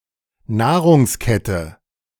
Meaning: plural of Nahrungskette
- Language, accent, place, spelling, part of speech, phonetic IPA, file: German, Germany, Berlin, Nahrungsketten, noun, [ˈnaːʁʊŋsˌkɛtn̩], De-Nahrungsketten.ogg